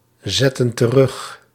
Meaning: inflection of terugzetten: 1. plural present/past indicative 2. plural present/past subjunctive
- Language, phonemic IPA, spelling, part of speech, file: Dutch, /ˈzɛtə(n) t(ə)ˈrʏx/, zetten terug, verb, Nl-zetten terug.ogg